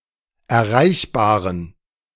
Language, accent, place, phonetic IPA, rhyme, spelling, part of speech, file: German, Germany, Berlin, [ɛɐ̯ˈʁaɪ̯çbaːʁən], -aɪ̯çbaːʁən, erreichbaren, adjective, De-erreichbaren.ogg
- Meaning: inflection of erreichbar: 1. strong genitive masculine/neuter singular 2. weak/mixed genitive/dative all-gender singular 3. strong/weak/mixed accusative masculine singular 4. strong dative plural